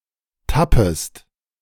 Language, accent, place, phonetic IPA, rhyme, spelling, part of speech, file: German, Germany, Berlin, [ˈtapəst], -apəst, tappest, verb, De-tappest.ogg
- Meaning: second-person singular subjunctive I of tappen